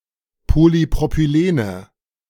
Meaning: nominative/accusative/genitive plural of Polypropylen
- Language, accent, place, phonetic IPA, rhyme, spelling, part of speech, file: German, Germany, Berlin, [polipʁopyˈleːnə], -eːnə, Polypropylene, noun, De-Polypropylene.ogg